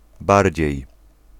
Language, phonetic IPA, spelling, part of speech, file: Polish, [ˈbarʲd͡ʑɛ̇j], bardziej, adverb, Pl-bardziej.ogg